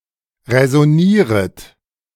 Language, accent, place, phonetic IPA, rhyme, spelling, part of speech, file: German, Germany, Berlin, [ʁɛzɔˈniːʁət], -iːʁət, räsonieret, verb, De-räsonieret.ogg
- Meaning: second-person plural subjunctive I of räsonieren